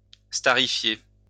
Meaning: to make (someone) into a star
- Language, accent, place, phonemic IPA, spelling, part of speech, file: French, France, Lyon, /sta.ʁi.fje/, starifier, verb, LL-Q150 (fra)-starifier.wav